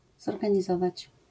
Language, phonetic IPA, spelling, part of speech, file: Polish, [ˌzɔrɡãɲiˈzɔvat͡ɕ], zorganizować, verb, LL-Q809 (pol)-zorganizować.wav